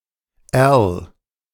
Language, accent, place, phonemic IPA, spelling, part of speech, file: German, Germany, Berlin, /ɛʁl/, Erl, noun / proper noun, De-Erl.ogg
- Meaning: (noun) tang (part of a knife, fork, file, or other small instrument, which is inserted into the handle); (proper noun) a municipality of Tyrol, Austria